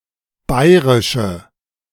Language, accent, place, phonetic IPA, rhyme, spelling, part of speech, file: German, Germany, Berlin, [ˈbaɪ̯ʁɪʃə], -aɪ̯ʁɪʃə, bairische, adjective, De-bairische.ogg
- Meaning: inflection of bairisch: 1. strong/mixed nominative/accusative feminine singular 2. strong nominative/accusative plural 3. weak nominative all-gender singular